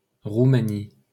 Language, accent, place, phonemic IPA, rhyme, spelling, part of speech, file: French, France, Paris, /ʁu.ma.ni/, -i, Roumanie, proper noun, LL-Q150 (fra)-Roumanie.wav
- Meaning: Romania (a country in Southeastern Europe)